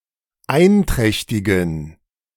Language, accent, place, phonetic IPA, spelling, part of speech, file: German, Germany, Berlin, [ˈaɪ̯nˌtʁɛçtɪɡn̩], einträchtigen, adjective, De-einträchtigen.ogg
- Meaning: inflection of einträchtig: 1. strong genitive masculine/neuter singular 2. weak/mixed genitive/dative all-gender singular 3. strong/weak/mixed accusative masculine singular 4. strong dative plural